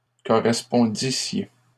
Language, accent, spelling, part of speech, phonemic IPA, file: French, Canada, correspondissiez, verb, /kɔ.ʁɛs.pɔ̃.di.sje/, LL-Q150 (fra)-correspondissiez.wav
- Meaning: second-person plural imperfect subjunctive of correspondre